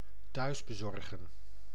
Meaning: to deliver (e.g. ordered food) to someone's home
- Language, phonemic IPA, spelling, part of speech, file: Dutch, /tœysbəzɔrɣə(n)/, thuisbezorgen, verb, Nl-thuisbezorgen.ogg